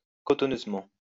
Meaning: spongily
- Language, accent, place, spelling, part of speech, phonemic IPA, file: French, France, Lyon, cotonneusement, adverb, /kɔ.tɔ.nøz.mɑ̃/, LL-Q150 (fra)-cotonneusement.wav